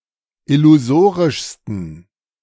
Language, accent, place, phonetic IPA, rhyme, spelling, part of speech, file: German, Germany, Berlin, [ɪluˈzoːʁɪʃstn̩], -oːʁɪʃstn̩, illusorischsten, adjective, De-illusorischsten.ogg
- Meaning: 1. superlative degree of illusorisch 2. inflection of illusorisch: strong genitive masculine/neuter singular superlative degree